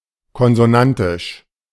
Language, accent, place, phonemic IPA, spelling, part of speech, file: German, Germany, Berlin, /kɔnzoˈnantɪʃ/, konsonantisch, adjective, De-konsonantisch.ogg
- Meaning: consonant; consonantal